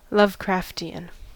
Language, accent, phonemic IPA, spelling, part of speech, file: English, US, /lʌvˈkɹæfti.ən/, Lovecraftian, adjective / noun, En-us-Lovecraftian.ogg
- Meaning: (adjective) 1. Frighteningly monstrous and otherworldly, sometimes with terrifyingly unnatural anatomy 2. Of, pertaining to, or emulating the style or works of author H. P. Lovecraft (1890–1937)